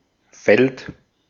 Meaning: 1. field (plot of open land, especially one used to grow crops) 2. area where action, often competitional, takes place: field, battlefield
- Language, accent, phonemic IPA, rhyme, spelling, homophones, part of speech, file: German, Austria, /fɛlt/, -ɛlt, Feld, fällt, noun, De-at-Feld.ogg